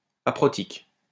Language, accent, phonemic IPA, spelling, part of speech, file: French, France, /a.pʁɔ.tik/, aprotique, adjective, LL-Q150 (fra)-aprotique.wav
- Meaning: aprotic